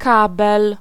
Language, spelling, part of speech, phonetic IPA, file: Polish, kabel, noun, [ˈkabɛl], Pl-kabel.ogg